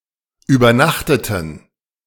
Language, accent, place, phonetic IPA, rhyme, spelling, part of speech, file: German, Germany, Berlin, [yːbɐˈnaxtətn̩], -axtətn̩, übernachteten, verb, De-übernachteten.ogg
- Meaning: inflection of übernachten: 1. first/third-person plural preterite 2. first/third-person plural subjunctive II